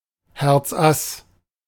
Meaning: ace of hearts
- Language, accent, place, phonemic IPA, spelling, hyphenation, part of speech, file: German, Germany, Berlin, /ˌhɛʁt͡sˈʔas/, Herzass, Herz‧ass, noun, De-Herzass.ogg